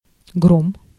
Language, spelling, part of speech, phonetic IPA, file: Russian, гром, noun, [ɡrom], Ru-гром.ogg
- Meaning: 1. thunder, thunderbolt 2. roar, thunderous sound